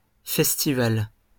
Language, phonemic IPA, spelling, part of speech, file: French, /fɛs.ti.val/, festivals, noun, LL-Q150 (fra)-festivals.wav
- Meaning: plural of festival